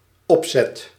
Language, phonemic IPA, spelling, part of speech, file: Dutch, /ˈɔpsɛt/, opzet, noun / verb, Nl-opzet.ogg
- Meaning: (noun) 1. design, plan (concept) 2. intention, intent; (verb) first/second/third-person singular dependent-clause present indicative of opzetten